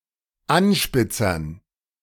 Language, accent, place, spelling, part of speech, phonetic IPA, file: German, Germany, Berlin, Anspitzern, noun, [ˈanʃpɪt͡sɐn], De-Anspitzern.ogg
- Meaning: dative plural of Anspitzer